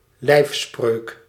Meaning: motto (personal motto, rather than heraldic)
- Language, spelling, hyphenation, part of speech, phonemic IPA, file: Dutch, lijfspreuk, lijf‧spreuk, noun, /ˈlɛi̯f.sprøːk/, Nl-lijfspreuk.ogg